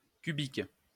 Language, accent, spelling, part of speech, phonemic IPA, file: French, France, cubique, adjective, /ky.bik/, LL-Q150 (fra)-cubique.wav
- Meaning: cubic (of a polynomial of third degree)